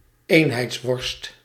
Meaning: something uniform and bland; uniformity
- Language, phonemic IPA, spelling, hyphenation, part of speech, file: Dutch, /ˈeːn.ɦɛi̯tsˌʋɔrst/, eenheidsworst, een‧heids‧worst, noun, Nl-eenheidsworst.ogg